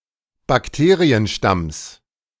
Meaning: genitive singular of Bakterienstamm
- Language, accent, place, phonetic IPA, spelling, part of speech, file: German, Germany, Berlin, [bakˈteːʁiənˌʃtams], Bakterienstamms, noun, De-Bakterienstamms.ogg